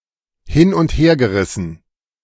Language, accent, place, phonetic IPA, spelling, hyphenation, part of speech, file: German, Germany, Berlin, [ˈhɪn ʊnt ˈheːɐ̯ɡəˌʁɪsn̩], hin- und hergerissen, hin- und her‧ge‧ris‧sen, verb / adjective, De-hin- und hergerissen.ogg
- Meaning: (verb) past participle of hin- und herreißen; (adjective) torn (unable to decide, in a state of reduced abstract unity or coherence)